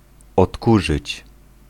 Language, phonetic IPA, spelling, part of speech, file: Polish, [ɔtˈkuʒɨt͡ɕ], odkurzyć, verb, Pl-odkurzyć.ogg